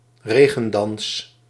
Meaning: rain dance
- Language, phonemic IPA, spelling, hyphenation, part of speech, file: Dutch, /ˈreː.ɣə(n)ˌdɑns/, regendans, re‧gen‧dans, noun, Nl-regendans.ogg